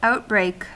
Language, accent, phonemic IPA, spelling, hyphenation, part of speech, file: English, US, /ˈaʊtbɹeɪk/, outbreak, out‧break, noun / verb, En-us-outbreak.ogg
- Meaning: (noun) 1. An eruption; the sudden appearance of a rash, disease, etc 2. A sudden increase 3. An outburst or sudden eruption, especially of violence and mischief